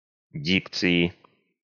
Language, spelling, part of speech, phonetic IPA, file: Russian, дикции, noun, [ˈdʲikt͡sɨɪ], Ru-дикции.ogg
- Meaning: inflection of ди́кция (díkcija): 1. genitive/dative/prepositional singular 2. nominative/accusative plural